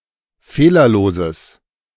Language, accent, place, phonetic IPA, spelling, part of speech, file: German, Germany, Berlin, [ˈfeːlɐˌloːzəs], fehlerloses, adjective, De-fehlerloses.ogg
- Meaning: strong/mixed nominative/accusative neuter singular of fehlerlos